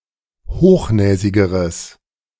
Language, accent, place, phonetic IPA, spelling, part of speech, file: German, Germany, Berlin, [ˈhoːxˌnɛːzɪɡəʁəs], hochnäsigeres, adjective, De-hochnäsigeres.ogg
- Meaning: strong/mixed nominative/accusative neuter singular comparative degree of hochnäsig